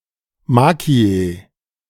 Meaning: macchia
- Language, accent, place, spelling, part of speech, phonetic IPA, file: German, Germany, Berlin, Macchie, noun, [ˈmaki̯ə], De-Macchie.ogg